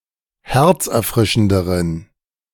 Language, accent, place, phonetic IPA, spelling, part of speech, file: German, Germany, Berlin, [ˈhɛʁt͡sʔɛɐ̯ˌfʁɪʃn̩dəʁən], herzerfrischenderen, adjective, De-herzerfrischenderen.ogg
- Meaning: inflection of herzerfrischend: 1. strong genitive masculine/neuter singular comparative degree 2. weak/mixed genitive/dative all-gender singular comparative degree